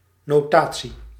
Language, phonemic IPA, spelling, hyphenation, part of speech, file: Dutch, /ˌnoːˈtaː.(t)si/, notatie, no‧ta‧tie, noun, Nl-notatie.ogg
- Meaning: notation